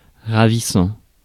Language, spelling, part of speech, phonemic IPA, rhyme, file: French, ravissant, verb / adjective, /ʁa.vi.sɑ̃/, -ɑ̃, Fr-ravissant.ogg
- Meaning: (verb) present participle of ravir; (adjective) 1. ravishing, delightful, entrancing 2. pretty, beautiful